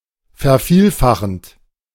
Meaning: present participle of vervielfachen
- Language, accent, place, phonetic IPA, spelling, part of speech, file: German, Germany, Berlin, [fɛɐ̯ˈfiːlˌfaxn̩t], vervielfachend, verb, De-vervielfachend.ogg